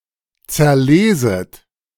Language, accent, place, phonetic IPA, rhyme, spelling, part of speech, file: German, Germany, Berlin, [t͡sɛɐ̯ˈleːzət], -eːzət, zerleset, verb, De-zerleset.ogg
- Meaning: second-person plural subjunctive I of zerlesen